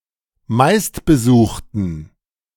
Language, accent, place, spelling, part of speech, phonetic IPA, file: German, Germany, Berlin, meistbesuchten, adjective, [ˈmaɪ̯stbəˌzuːxtən], De-meistbesuchten.ogg
- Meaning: inflection of meistbesucht: 1. strong genitive masculine/neuter singular 2. weak/mixed genitive/dative all-gender singular 3. strong/weak/mixed accusative masculine singular 4. strong dative plural